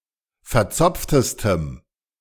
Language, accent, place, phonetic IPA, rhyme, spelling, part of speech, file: German, Germany, Berlin, [fɛɐ̯ˈt͡sɔp͡ftəstəm], -ɔp͡ftəstəm, verzopftestem, adjective, De-verzopftestem.ogg
- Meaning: strong dative masculine/neuter singular superlative degree of verzopft